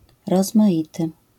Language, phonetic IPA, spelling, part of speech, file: Polish, [ˌrɔzmaˈʲitɨ], rozmaity, adjective, LL-Q809 (pol)-rozmaity.wav